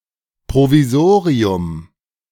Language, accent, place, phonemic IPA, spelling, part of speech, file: German, Germany, Berlin, /pʁoviˈzoːʁiʊm/, Provisorium, noun, De-Provisorium.ogg
- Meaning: provisional solution